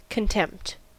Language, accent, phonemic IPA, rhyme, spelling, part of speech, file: English, US, /kənˈtɛmpt/, -ɛmpt, contempt, noun, En-us-contempt.ogg
- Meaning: 1. The state or act of contemning; the feeling or attitude of regarding someone or something as inferior, base, or worthless; scorn, disdain 2. The state of being despised or dishonored; disgrace